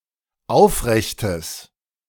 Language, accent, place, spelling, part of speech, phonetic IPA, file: German, Germany, Berlin, aufrechtes, adjective, [ˈaʊ̯fˌʁɛçtəs], De-aufrechtes.ogg
- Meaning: strong/mixed nominative/accusative neuter singular of aufrecht